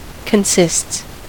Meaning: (noun) plural of consist; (verb) third-person singular simple present indicative of consist
- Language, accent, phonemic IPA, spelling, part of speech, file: English, US, /kənˈsɪsts/, consists, noun / verb, En-us-consists.ogg